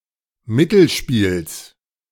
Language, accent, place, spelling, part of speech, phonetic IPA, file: German, Germany, Berlin, Mittelspiels, noun, [ˈmɪtl̩ˌʃpiːls], De-Mittelspiels.ogg
- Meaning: genitive singular of Mittelspiel